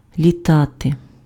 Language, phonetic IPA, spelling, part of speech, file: Ukrainian, [lʲiˈtate], літати, verb, Uk-літати.ogg
- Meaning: to fly